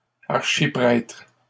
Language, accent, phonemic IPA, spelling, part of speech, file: French, Canada, /aʁ.ʃi.pʁɛtʁ/, archiprêtres, noun, LL-Q150 (fra)-archiprêtres.wav
- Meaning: plural of archiprêtre